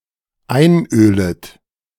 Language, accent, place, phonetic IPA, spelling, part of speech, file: German, Germany, Berlin, [ˈaɪ̯nˌʔøːlət], einölet, verb, De-einölet.ogg
- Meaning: second-person plural dependent subjunctive I of einölen